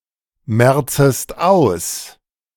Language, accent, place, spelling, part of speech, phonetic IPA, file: German, Germany, Berlin, merzest aus, verb, [ˌmɛʁt͡səst ˈaʊ̯s], De-merzest aus.ogg
- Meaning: second-person singular subjunctive I of ausmerzen